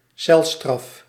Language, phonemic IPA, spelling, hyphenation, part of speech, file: Dutch, /ˈsɛl.strɑf/, celstraf, cel‧straf, noun, Nl-celstraf.ogg
- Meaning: prison sentence, jail term